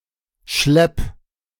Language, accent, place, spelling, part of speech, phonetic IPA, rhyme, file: German, Germany, Berlin, schlepp, verb, [ʃlɛp], -ɛp, De-schlepp.ogg
- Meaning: singular imperative of schleppen